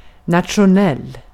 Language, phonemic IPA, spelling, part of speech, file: Swedish, /natɧʊˈnɛl/, nationell, adjective, Sv-nationell.ogg
- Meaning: national (of or having to do with a nation)